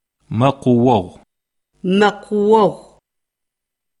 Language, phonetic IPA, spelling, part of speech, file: Adyghe, [maqʷəwaʁʷəmaːz], мэкъуогъумаз, noun, CircassianMonth6.ogg
- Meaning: June